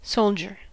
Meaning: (noun) 1. A member of a ground-based army, of any rank, but especially an enlisted member 2. Any member of a military, regardless of specialty
- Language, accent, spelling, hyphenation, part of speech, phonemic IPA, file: English, US, soldier, sol‧dier, noun / verb, /ˈsoʊld͡ʒɚ/, En-us-soldier.ogg